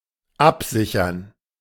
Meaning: 1. to secure, safeguard 2. to hedge
- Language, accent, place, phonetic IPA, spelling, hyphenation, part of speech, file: German, Germany, Berlin, [ˈʔapˌzɪçɐn], absichern, ab‧si‧chern, verb, De-absichern.ogg